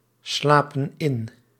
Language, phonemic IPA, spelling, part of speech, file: Dutch, /ˈslapə(n) ˈɪn/, slapen in, verb, Nl-slapen in.ogg
- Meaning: inflection of inslapen: 1. plural present indicative 2. plural present subjunctive